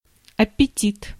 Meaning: appetite
- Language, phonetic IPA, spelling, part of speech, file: Russian, [ɐpʲɪˈtʲit], аппетит, noun, Ru-аппетит.ogg